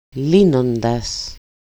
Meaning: 1. untying 2. solving 3. and see λύνω
- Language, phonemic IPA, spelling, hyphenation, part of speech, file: Greek, /ˈli.non.das/, λύνοντας, λύ‧νο‧ντας, verb, El-λύνοντας.ogg